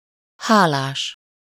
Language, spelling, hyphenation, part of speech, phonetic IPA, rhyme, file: Hungarian, hálás, há‧lás, adjective / noun, [ˈhaːlaːʃ], -aːʃ, Hu-hálás.ogg
- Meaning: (adjective) grateful, thankful (to someone -nak/-nek, for something -ért); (noun) verbal noun of hál: sleeping somewhere, spending the night somewhere